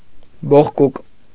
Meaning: 1. newly grown horn of animals 2. feeler, antenna
- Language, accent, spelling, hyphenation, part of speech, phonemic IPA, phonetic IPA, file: Armenian, Eastern Armenian, բողկուկ, բող‧կուկ, noun, /boχˈkuk/, [boχkúk], Hy-բողկուկ.ogg